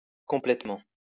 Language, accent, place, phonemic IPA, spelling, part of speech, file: French, France, Lyon, /kɔ̃.plɛt.mɑ̃/, complétement, adverb / noun, LL-Q150 (fra)-complétement.wav
- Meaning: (adverb) alternative spelling of complètement